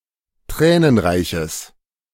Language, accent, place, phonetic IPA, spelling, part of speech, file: German, Germany, Berlin, [ˈtʁɛːnənˌʁaɪ̯çəs], tränenreiches, adjective, De-tränenreiches.ogg
- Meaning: strong/mixed nominative/accusative neuter singular of tränenreich